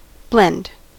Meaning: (noun) 1. A mixture of two or more things 2. A word formed by combining two other words; a portmanteau word; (verb) To mingle; to mix; to unite intimately; to pass or shade insensibly into each other
- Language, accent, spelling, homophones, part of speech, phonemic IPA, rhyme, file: English, US, blend, blende, noun / verb, /blɛnd/, -ɛnd, En-us-blend.ogg